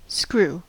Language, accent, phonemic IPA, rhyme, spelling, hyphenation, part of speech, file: English, US, /ˈskɹu/, -uː, screw, screw, noun / verb, En-us-screw.ogg
- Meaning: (noun) A device that has a helical function.: A simple machine, a helical inclined plane